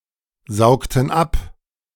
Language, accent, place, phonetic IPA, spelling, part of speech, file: German, Germany, Berlin, [ˌzaʊ̯ktn̩ ˈap], saugten ab, verb, De-saugten ab.ogg
- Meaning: inflection of absaugen: 1. first/third-person plural preterite 2. first/third-person plural subjunctive II